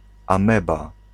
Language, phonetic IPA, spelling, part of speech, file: Polish, [ãˈmɛba], ameba, noun, Pl-ameba.ogg